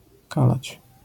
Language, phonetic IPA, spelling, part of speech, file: Polish, [ˈkalat͡ɕ], kalać, verb, LL-Q809 (pol)-kalać.wav